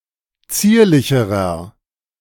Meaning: inflection of zierlich: 1. strong/mixed nominative masculine singular comparative degree 2. strong genitive/dative feminine singular comparative degree 3. strong genitive plural comparative degree
- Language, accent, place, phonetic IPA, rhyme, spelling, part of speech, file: German, Germany, Berlin, [ˈt͡siːɐ̯lɪçəʁɐ], -iːɐ̯lɪçəʁɐ, zierlicherer, adjective, De-zierlicherer.ogg